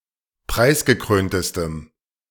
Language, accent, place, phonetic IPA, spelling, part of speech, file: German, Germany, Berlin, [ˈpʁaɪ̯sɡəˌkʁøːntəstəm], preisgekröntestem, adjective, De-preisgekröntestem.ogg
- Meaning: strong dative masculine/neuter singular superlative degree of preisgekrönt